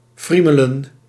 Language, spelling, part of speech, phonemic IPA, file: Dutch, friemelen, verb, /ˈfri.mə.lə(n)/, Nl-friemelen.ogg
- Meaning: to fidget, to fiddle